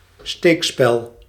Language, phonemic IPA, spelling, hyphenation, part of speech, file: Dutch, /ˈsteːk.spɛl/, steekspel, steek‧spel, noun, Nl-steekspel.ogg
- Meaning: joust (chivalric contest where two contestants tried to knock their opponent of his horse with a lance)